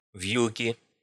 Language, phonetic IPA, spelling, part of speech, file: Russian, [v⁽ʲ⁾jʉˈkʲi], вьюки, noun, Ru-вьюки.ogg
- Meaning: nominative/accusative plural of вьюк (vʹjuk)